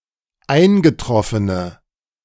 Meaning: inflection of eingetroffen: 1. strong/mixed nominative/accusative feminine singular 2. strong nominative/accusative plural 3. weak nominative all-gender singular
- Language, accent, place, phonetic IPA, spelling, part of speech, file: German, Germany, Berlin, [ˈaɪ̯nɡəˌtʁɔfənə], eingetroffene, adjective, De-eingetroffene.ogg